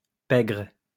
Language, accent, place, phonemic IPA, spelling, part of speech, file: French, France, Lyon, /pɛɡʁ/, pègre, noun, LL-Q150 (fra)-pègre.wav
- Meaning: underworld, mob (part of society that is engaged in crime or vice)